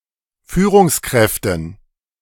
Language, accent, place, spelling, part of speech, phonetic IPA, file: German, Germany, Berlin, Führungskräften, noun, [ˈfyːʁʊŋsˌkʁɛftn̩], De-Führungskräften.ogg
- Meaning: dative plural of Führungskraft